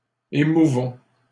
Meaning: inflection of émouvoir: 1. first-person plural present indicative 2. first-person plural imperative
- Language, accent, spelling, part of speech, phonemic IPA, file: French, Canada, émouvons, verb, /e.mu.vɔ̃/, LL-Q150 (fra)-émouvons.wav